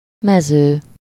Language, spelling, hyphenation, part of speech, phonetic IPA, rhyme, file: Hungarian, mező, me‧ző, noun, [ˈmɛzøː], -zøː, Hu-mező.ogg
- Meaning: 1. field (land area free of woodland, cities and towns; open country) 2. field (section in a form which is supposed to be filled with data)